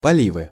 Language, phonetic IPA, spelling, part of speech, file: Russian, [pɐˈlʲivɨ], поливы, noun, Ru-поливы.ogg
- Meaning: 1. nominative/accusative plural of поли́в (polív) 2. inflection of поли́ва (políva): genitive singular 3. inflection of поли́ва (políva): nominative/accusative plural